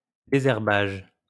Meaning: weeding
- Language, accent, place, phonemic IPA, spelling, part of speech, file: French, France, Lyon, /de.zɛʁ.baʒ/, désherbage, noun, LL-Q150 (fra)-désherbage.wav